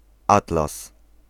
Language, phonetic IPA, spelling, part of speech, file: Polish, [ˈatlas], atlas, noun, Pl-atlas.ogg